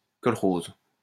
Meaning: kolkhoz (farming collective)
- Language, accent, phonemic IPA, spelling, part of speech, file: French, France, /kɔl.koz/, kolkhoze, noun, LL-Q150 (fra)-kolkhoze.wav